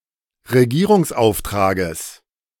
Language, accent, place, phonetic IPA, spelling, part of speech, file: German, Germany, Berlin, [ʁeˈɡiːʁʊŋsˌʔaʊ̯ftʁaːɡəs], Regierungsauftrages, noun, De-Regierungsauftrages.ogg
- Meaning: genitive of Regierungsauftrag